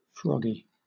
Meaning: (noun) 1. A frog 2. A French person; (adjective) 1. Froglike 2. Suffering from a frog in one's throat; hoarse 3. Inclined to fight; aggressive 4. Energetic or strong
- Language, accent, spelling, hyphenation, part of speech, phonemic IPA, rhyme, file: English, Southern England, froggy, frog‧gy, noun / adjective, /ˈfɹɒɡi/, -ɒɡi, LL-Q1860 (eng)-froggy.wav